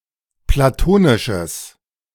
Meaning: strong/mixed nominative/accusative neuter singular of platonisch
- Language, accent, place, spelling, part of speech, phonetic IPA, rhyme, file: German, Germany, Berlin, platonisches, adjective, [plaˈtoːnɪʃəs], -oːnɪʃəs, De-platonisches.ogg